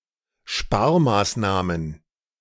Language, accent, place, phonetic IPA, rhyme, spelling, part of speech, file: German, Germany, Berlin, [ˈʃpaːɐ̯maːsˌnaːmən], -aːɐ̯maːsnaːmən, Sparmaßnahmen, noun, De-Sparmaßnahmen.ogg
- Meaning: plural of Sparmaßnahme